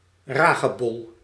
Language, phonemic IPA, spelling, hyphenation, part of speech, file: Dutch, /ˈraː.ɣəˌbɔl/, ragebol, ra‧ge‧bol, noun, Nl-ragebol.ogg
- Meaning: a brush whose bristly hairs form a curved surface, mounted on a broomstick, mostly used for removing cobwebs